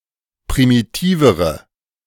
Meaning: inflection of primitiv: 1. strong/mixed nominative/accusative feminine singular comparative degree 2. strong nominative/accusative plural comparative degree
- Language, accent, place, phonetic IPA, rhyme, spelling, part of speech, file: German, Germany, Berlin, [pʁimiˈtiːvəʁə], -iːvəʁə, primitivere, adjective, De-primitivere.ogg